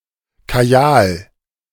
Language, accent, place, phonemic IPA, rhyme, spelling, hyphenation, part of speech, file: German, Germany, Berlin, /kaˈjaːl/, -aːl, Kajal, Ka‧jal, noun, De-Kajal.ogg
- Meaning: kohl